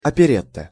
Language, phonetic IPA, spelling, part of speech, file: Russian, [ɐpʲɪˈrʲet(ː)ə], оперетта, noun, Ru-оперетта.ogg
- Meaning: operetta